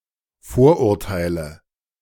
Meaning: nominative/accusative/genitive plural of Vorurteil
- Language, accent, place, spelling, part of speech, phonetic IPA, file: German, Germany, Berlin, Vorurteile, noun, [ˈfoːɐ̯ʔʊʁˌtaɪ̯lə], De-Vorurteile.ogg